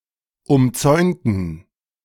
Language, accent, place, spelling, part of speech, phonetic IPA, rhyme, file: German, Germany, Berlin, umzäunten, adjective / verb, [ʊmˈt͡sɔɪ̯ntn̩], -ɔɪ̯ntn̩, De-umzäunten.ogg
- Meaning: inflection of umzäunen: 1. first/third-person plural preterite 2. first/third-person plural subjunctive II